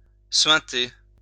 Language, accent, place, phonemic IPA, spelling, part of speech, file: French, France, Lyon, /sɥɛ̃.te/, suinter, verb, LL-Q150 (fra)-suinter.wav
- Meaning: to ooze